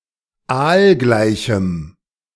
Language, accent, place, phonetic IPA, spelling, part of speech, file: German, Germany, Berlin, [ˈaːlˌɡlaɪ̯çm̩], aalgleichem, adjective, De-aalgleichem.ogg
- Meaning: strong dative masculine/neuter singular of aalgleich